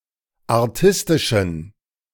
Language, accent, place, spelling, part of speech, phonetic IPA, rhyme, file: German, Germany, Berlin, artistischen, adjective, [aʁˈtɪstɪʃn̩], -ɪstɪʃn̩, De-artistischen.ogg
- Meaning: inflection of artistisch: 1. strong genitive masculine/neuter singular 2. weak/mixed genitive/dative all-gender singular 3. strong/weak/mixed accusative masculine singular 4. strong dative plural